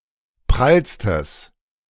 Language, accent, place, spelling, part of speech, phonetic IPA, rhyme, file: German, Germany, Berlin, prallstes, adjective, [ˈpʁalstəs], -alstəs, De-prallstes.ogg
- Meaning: strong/mixed nominative/accusative neuter singular superlative degree of prall